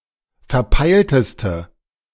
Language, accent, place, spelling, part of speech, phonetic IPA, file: German, Germany, Berlin, verpeilteste, adjective, [fɛɐ̯ˈpaɪ̯ltəstə], De-verpeilteste.ogg
- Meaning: inflection of verpeilt: 1. strong/mixed nominative/accusative feminine singular superlative degree 2. strong nominative/accusative plural superlative degree